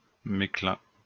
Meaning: mesclun (mixture of young salad leaves)
- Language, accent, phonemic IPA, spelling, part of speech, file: French, France, /mɛs.klœ̃/, mesclun, noun, LL-Q150 (fra)-mesclun.wav